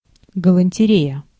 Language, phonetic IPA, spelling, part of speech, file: Russian, [ɡəɫənʲtʲɪˈrʲejə], галантерея, noun, Ru-галантерея.ogg
- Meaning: haberdashery, fancy goods